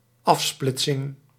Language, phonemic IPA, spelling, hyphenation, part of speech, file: Dutch, /ˈɑfˌsplɪt.sɪŋ/, afsplitsing, af‧split‧sing, noun, Nl-afsplitsing.ogg
- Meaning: 1. the act of branching off or seceding 2. offsplit, split (that which has been branched off) 3. offsplit, split (that which has been branched off): fork (splitting of a process)